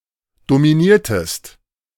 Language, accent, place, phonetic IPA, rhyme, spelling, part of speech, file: German, Germany, Berlin, [domiˈniːɐ̯təst], -iːɐ̯təst, dominiertest, verb, De-dominiertest.ogg
- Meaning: inflection of dominieren: 1. second-person singular preterite 2. second-person singular subjunctive II